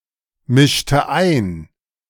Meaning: inflection of einmischen: 1. first/third-person singular preterite 2. first/third-person singular subjunctive II
- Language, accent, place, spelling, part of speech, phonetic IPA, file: German, Germany, Berlin, mischte ein, verb, [ˌmɪʃtə ˈaɪ̯n], De-mischte ein.ogg